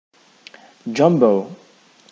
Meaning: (adjective) Especially large or powerful; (noun) 1. An especially large or powerful person, animal, or thing 2. An elephant 3. A platform-mounted machine for drilling rock
- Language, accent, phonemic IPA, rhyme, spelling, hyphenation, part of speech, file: English, Received Pronunciation, /ˈd͡ʒʌmbəʊ/, -ʌmbəʊ, jumbo, jum‧bo, adjective / noun, En-uk-jumbo.ogg